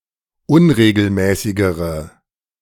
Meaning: inflection of unregelmäßig: 1. strong/mixed nominative/accusative feminine singular comparative degree 2. strong nominative/accusative plural comparative degree
- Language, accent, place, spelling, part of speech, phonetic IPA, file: German, Germany, Berlin, unregelmäßigere, adjective, [ˈʊnʁeːɡl̩ˌmɛːsɪɡəʁə], De-unregelmäßigere.ogg